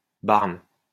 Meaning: barn (unit)
- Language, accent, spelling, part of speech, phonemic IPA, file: French, France, barn, noun, /baʁn/, LL-Q150 (fra)-barn.wav